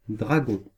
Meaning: 1. a dragon, creature 2. a dragoon
- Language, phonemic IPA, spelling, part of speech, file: French, /dʁa.ɡɔ̃/, dragon, noun, Fr-dragon.ogg